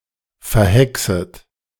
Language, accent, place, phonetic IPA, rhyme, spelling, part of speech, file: German, Germany, Berlin, [fɛɐ̯ˈhɛksət], -ɛksət, verhexet, verb, De-verhexet.ogg
- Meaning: second-person plural subjunctive I of verhexen